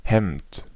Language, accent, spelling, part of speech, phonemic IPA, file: German, Germany, Hemd, noun, /hɛmt/, De-Hemd.ogg
- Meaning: 1. shirt 2. shirt: dress shirt